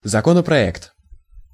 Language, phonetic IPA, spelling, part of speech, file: Russian, [zɐˌkonəprɐˈɛkt], законопроект, noun, Ru-законопроект.ogg
- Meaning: bill (draft of a law)